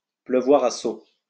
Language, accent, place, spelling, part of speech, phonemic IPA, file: French, France, Lyon, pleuvoir à seaux, verb, /plø.vwaʁ a so/, LL-Q150 (fra)-pleuvoir à seaux.wav
- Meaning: to rain buckets (to rain heavily)